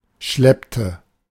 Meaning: inflection of schleppen: 1. first/third-person singular preterite 2. first/third-person singular subjunctive II
- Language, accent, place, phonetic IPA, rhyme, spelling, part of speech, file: German, Germany, Berlin, [ˈʃlɛptə], -ɛptə, schleppte, verb, De-schleppte.ogg